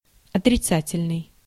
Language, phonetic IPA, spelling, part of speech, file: Russian, [ɐtrʲɪˈt͡satʲɪlʲnɨj], отрицательный, adjective, Ru-отрицательный.ogg
- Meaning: negative (various senses)